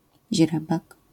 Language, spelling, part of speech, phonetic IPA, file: Polish, źrebak, noun, [ˈʑrɛbak], LL-Q809 (pol)-źrebak.wav